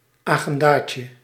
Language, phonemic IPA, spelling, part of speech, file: Dutch, /ɑɣɛndaːtjə/, agendaatje, noun, Nl-agendaatje.ogg
- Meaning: diminutive of agenda